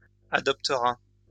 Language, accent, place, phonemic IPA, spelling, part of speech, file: French, France, Lyon, /a.dɔp.tə.ʁa/, adoptera, verb, LL-Q150 (fra)-adoptera.wav
- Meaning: third-person singular future of adopter